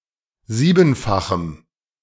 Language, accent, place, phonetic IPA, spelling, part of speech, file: German, Germany, Berlin, [ˈziːbn̩faxm̩], siebenfachem, adjective, De-siebenfachem.ogg
- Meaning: strong dative masculine/neuter singular of siebenfach